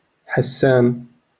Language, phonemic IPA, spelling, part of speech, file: Moroccan Arabic, /ħas.saːn/, حسان, noun, LL-Q56426 (ary)-حسان.wav
- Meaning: barber